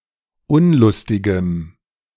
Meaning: strong dative masculine/neuter singular of unlustig
- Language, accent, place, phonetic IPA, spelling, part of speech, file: German, Germany, Berlin, [ˈʊnlʊstɪɡəm], unlustigem, adjective, De-unlustigem.ogg